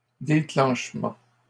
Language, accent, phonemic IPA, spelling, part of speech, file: French, Canada, /de.klɑ̃ʃ.mɑ̃/, déclenchement, noun, LL-Q150 (fra)-déclenchement.wav
- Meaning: 1. onset 2. outbreak 3. triggering (action of causing something)